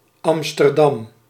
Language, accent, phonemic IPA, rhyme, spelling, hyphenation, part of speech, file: Dutch, Netherlands, /ˌɑm.stərˈdɑm/, -ɑm, Amsterdam, Am‧ster‧dam, proper noun, Nl-Amsterdam.ogg
- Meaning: Amsterdam (a city and municipality of North Holland, Netherlands; the capital city of the Netherlands)